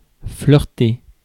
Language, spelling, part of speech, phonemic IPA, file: French, flirter, verb, /flœʁ.te/, Fr-flirter.ogg
- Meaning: to flirt